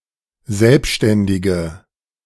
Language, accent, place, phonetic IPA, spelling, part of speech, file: German, Germany, Berlin, [ˈzɛlpʃtɛndɪɡə], selbständige, adjective, De-selbständige.ogg
- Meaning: inflection of selbständig: 1. strong/mixed nominative/accusative feminine singular 2. strong nominative/accusative plural 3. weak nominative all-gender singular